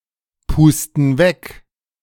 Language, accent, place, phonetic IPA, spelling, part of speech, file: German, Germany, Berlin, [ˌpuːstn̩ ˈvɛk], pusten weg, verb, De-pusten weg.ogg
- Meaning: inflection of wegpusten: 1. first/third-person plural present 2. first/third-person plural subjunctive I